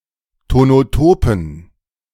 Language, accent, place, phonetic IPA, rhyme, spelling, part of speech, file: German, Germany, Berlin, [tonoˈtoːpn̩], -oːpn̩, tonotopen, adjective, De-tonotopen.ogg
- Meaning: inflection of tonotop: 1. strong genitive masculine/neuter singular 2. weak/mixed genitive/dative all-gender singular 3. strong/weak/mixed accusative masculine singular 4. strong dative plural